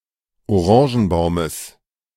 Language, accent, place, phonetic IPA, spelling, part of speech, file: German, Germany, Berlin, [oˈʁɑ̃ːʒn̩ˌbaʊ̯məs], Orangenbaumes, noun, De-Orangenbaumes.ogg
- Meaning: genitive singular of Orangenbaum